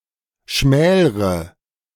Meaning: inflection of schmälern: 1. first-person singular present 2. first/third-person singular subjunctive I 3. singular imperative
- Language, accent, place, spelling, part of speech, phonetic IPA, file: German, Germany, Berlin, schmälre, verb, [ˈʃmɛːlʁə], De-schmälre.ogg